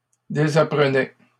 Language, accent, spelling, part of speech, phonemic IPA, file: French, Canada, désapprenaient, verb, /de.za.pʁə.nɛ/, LL-Q150 (fra)-désapprenaient.wav
- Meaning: third-person plural imperfect indicative of désapprendre